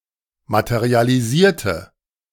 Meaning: inflection of materialisieren: 1. first/third-person singular preterite 2. first/third-person singular subjunctive II
- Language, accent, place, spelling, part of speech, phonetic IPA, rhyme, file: German, Germany, Berlin, materialisierte, adjective / verb, [ˌmatəʁialiˈziːɐ̯tə], -iːɐ̯tə, De-materialisierte.ogg